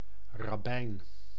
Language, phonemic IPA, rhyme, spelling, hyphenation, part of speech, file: Dutch, /rɑˈbɛi̯n/, -ɛi̯n, rabbijn, rab‧bijn, noun, Nl-rabbijn.ogg
- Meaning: rabbi